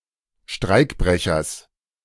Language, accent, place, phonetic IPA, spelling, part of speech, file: German, Germany, Berlin, [ˈʃtʁaɪ̯kˌbʁɛçɐs], Streikbrechers, noun, De-Streikbrechers.ogg
- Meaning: genitive singular of Streikbrecher